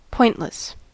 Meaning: 1. Having no point or sharp tip; terminating squarely or in a rounded end 2. Having no prominent or important feature, as of an argument, discourse, etc
- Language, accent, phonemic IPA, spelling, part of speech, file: English, US, /ˈpɔɪntləs/, pointless, adjective, En-us-pointless.ogg